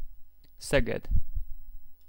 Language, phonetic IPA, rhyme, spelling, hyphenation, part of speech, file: Hungarian, [ˈsɛɡɛd], -ɛd, Szeged, Sze‧ged, proper noun, Hu-Szeged.ogg
- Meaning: Szeged (a city, the county seat of Csongrád-Csanád County, Hungary)